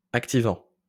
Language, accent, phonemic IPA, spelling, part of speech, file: French, France, /ak.ti.vɑ̃/, activant, verb / adjective, LL-Q150 (fra)-activant.wav
- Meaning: present participle of activer